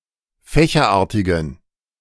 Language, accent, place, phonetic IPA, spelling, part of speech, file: German, Germany, Berlin, [ˈfɛːçɐˌʔaːɐ̯tɪɡn̩], fächerartigen, adjective, De-fächerartigen.ogg
- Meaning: inflection of fächerartig: 1. strong genitive masculine/neuter singular 2. weak/mixed genitive/dative all-gender singular 3. strong/weak/mixed accusative masculine singular 4. strong dative plural